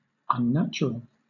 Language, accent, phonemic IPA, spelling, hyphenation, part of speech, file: English, Southern England, /ʌnˈnæt͡ʃ.(ə.)ɹəl/, unnatural, un‧nat‧u‧ral, adjective / noun, LL-Q1860 (eng)-unnatural.wav
- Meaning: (adjective) 1. Not natural 2. Not occurring in nature, the environment or atmosphere 3. Going against nature; perverse; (noun) One who is unnatural, against nature, perverse